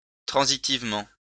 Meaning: transitively
- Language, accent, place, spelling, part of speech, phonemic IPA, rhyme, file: French, France, Lyon, transitivement, adverb, /tʁɑ̃.zi.tiv.mɑ̃/, -ɑ̃, LL-Q150 (fra)-transitivement.wav